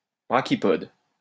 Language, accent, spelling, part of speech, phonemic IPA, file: French, France, brachypode, noun, /bʁa.ki.pɔd/, LL-Q150 (fra)-brachypode.wav
- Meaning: brachypodium (of genus Brachypodium)